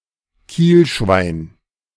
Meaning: keelson
- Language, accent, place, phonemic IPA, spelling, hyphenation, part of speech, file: German, Germany, Berlin, /ˈkiːlʃvaɪ̯n/, Kielschwein, Kiel‧schwein, noun, De-Kielschwein.ogg